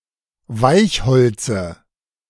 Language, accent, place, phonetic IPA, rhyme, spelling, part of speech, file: German, Germany, Berlin, [ˈvaɪ̯çˌhɔlt͡sə], -aɪ̯çhɔlt͡sə, Weichholze, noun, De-Weichholze.ogg
- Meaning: dative of Weichholz